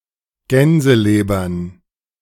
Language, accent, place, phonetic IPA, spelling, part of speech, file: German, Germany, Berlin, [ˈɡɛnzəˌleːbɐn], Gänselebern, noun, De-Gänselebern.ogg
- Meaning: plural of Gänseleber